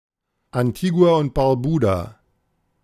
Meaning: Antigua and Barbuda (a country consisting of two islands in the Caribbean, Antigua and Barbuda, and numerous other small islands)
- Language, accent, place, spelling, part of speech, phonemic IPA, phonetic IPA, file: German, Germany, Berlin, Antigua und Barbuda, proper noun, /anˌtiː.ɡu̯aː ʊnt baʁˈbuː.daː/, [ʔanˌtʰiː.ɡu̯aː ʔʊnt b̥aʁˈbuː.daː], De-Antigua und Barbuda.ogg